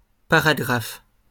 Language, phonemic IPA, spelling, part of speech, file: French, /pa.ʁa.ɡʁaf/, paragraphe, noun, LL-Q150 (fra)-paragraphe.wav
- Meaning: paragraph